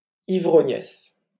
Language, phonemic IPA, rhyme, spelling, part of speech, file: French, /i.vʁɔ.ɲɛs/, -ɛs, ivrognesse, noun, LL-Q150 (fra)-ivrognesse.wav
- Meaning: female equivalent of ivrogne